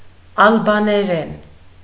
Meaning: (noun) Albanian (language); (adverb) in Albanian; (adjective) Albanian (of or pertaining to the language)
- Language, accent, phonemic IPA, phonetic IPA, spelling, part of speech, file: Armenian, Eastern Armenian, /ɑlbɑneˈɾen/, [ɑlbɑneɾén], ալբաներեն, noun / adverb / adjective, Hy-ալբաներեն.ogg